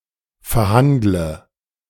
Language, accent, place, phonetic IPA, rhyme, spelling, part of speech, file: German, Germany, Berlin, [fɛɐ̯ˈhandlə], -andlə, verhandle, verb, De-verhandle.ogg
- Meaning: inflection of verhandeln: 1. first-person singular present 2. first/third-person singular subjunctive I 3. singular imperative